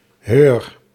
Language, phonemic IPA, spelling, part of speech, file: Dutch, /ɦøːr/, heur, determiner, Nl-heur.ogg
- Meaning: alternative form of haar (“her [own], of her”, third-person singular feminine possessive determiner)